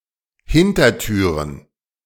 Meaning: plural of Hintertür
- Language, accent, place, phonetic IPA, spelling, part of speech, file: German, Germany, Berlin, [ˈhɪntɐˌtyːʁən], Hintertüren, noun, De-Hintertüren.ogg